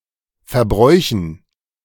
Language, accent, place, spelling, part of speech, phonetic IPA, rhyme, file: German, Germany, Berlin, Verbräuchen, noun, [fɛɐ̯ˈbʁɔɪ̯çn̩], -ɔɪ̯çn̩, De-Verbräuchen.ogg
- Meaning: dative plural of Verbrauch